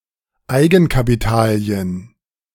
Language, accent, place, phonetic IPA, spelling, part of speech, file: German, Germany, Berlin, [ˈaɪ̯ɡn̩kapiˌtaːli̯ən], Eigenkapitalien, noun, De-Eigenkapitalien.ogg
- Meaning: plural of Eigenkapital